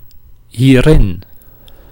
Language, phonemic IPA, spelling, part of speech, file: Dutch, /ˈhirɪn/, hierin, adverb, Nl-hierin.ogg
- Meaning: pronominal adverb form of in + dit